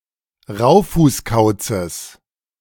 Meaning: genitive of Raufußkauz
- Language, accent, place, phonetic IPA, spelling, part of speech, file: German, Germany, Berlin, [ˈʁaʊ̯fuːsˌkaʊ̯t͡səs], Raufußkauzes, noun, De-Raufußkauzes.ogg